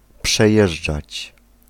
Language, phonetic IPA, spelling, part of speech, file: Polish, [pʃɛˈjɛʒd͡ʒat͡ɕ], przejeżdżać, verb, Pl-przejeżdżać.ogg